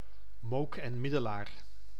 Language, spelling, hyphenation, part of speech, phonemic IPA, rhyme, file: Dutch, Mook en Middelaar, Mook en Mid‧de‧laar, proper noun, /ˈmoːk ɛn ˈmɪ.dəˌlaːr/, -aːr, Nl-Mook en Middelaar.ogg
- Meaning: a municipality of Limburg, Netherlands